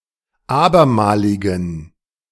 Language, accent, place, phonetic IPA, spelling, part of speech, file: German, Germany, Berlin, [ˈaːbɐˌmaːlɪɡɐ], abermaliger, adjective, De-abermaliger.ogg
- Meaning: inflection of abermalig: 1. strong/mixed nominative masculine singular 2. strong genitive/dative feminine singular 3. strong genitive plural